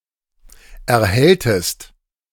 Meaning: inflection of erhellen: 1. second-person singular preterite 2. second-person singular subjunctive II
- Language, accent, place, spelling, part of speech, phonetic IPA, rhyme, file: German, Germany, Berlin, erhelltest, verb, [ɛɐ̯ˈhɛltəst], -ɛltəst, De-erhelltest.ogg